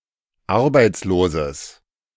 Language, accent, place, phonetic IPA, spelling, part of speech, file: German, Germany, Berlin, [ˈaʁbaɪ̯t͡sloːzəs], arbeitsloses, adjective, De-arbeitsloses.ogg
- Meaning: strong/mixed nominative/accusative neuter singular of arbeitslos